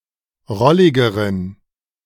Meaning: inflection of rollig: 1. strong genitive masculine/neuter singular comparative degree 2. weak/mixed genitive/dative all-gender singular comparative degree
- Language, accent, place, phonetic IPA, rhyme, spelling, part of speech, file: German, Germany, Berlin, [ˈʁɔlɪɡəʁən], -ɔlɪɡəʁən, rolligeren, adjective, De-rolligeren.ogg